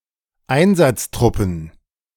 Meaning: plural of Einsatztruppe
- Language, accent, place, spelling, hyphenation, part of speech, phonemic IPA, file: German, Germany, Berlin, Einsatztruppen, Ein‧satz‧trup‧pen, noun, /ˈaɪ̯nzatsˌtʀʊpn̩/, De-Einsatztruppen.ogg